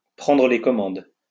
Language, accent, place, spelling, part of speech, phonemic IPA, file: French, France, Lyon, prendre les commandes, verb, /pʁɑ̃.dʁə le kɔ.mɑ̃d/, LL-Q150 (fra)-prendre les commandes.wav
- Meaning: to take the controls, to take the helm, to take the reins